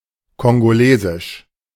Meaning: of Congo (the Democratic Republic of the Congo or the Republic of the Congo); Congolese
- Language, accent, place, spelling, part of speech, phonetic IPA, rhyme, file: German, Germany, Berlin, kongolesisch, adjective, [kɔnɡoˈleːzɪʃ], -eːzɪʃ, De-kongolesisch.ogg